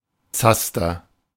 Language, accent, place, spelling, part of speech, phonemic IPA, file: German, Germany, Berlin, Zaster, noun, /ˈt͡sastɐ/, De-Zaster.ogg
- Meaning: money